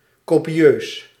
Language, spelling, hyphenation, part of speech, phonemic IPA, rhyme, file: Dutch, copieus, co‧pi‧eus, adjective, /koːpiˈøːs/, -øːs, Nl-copieus.ogg
- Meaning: copious (great in quantity)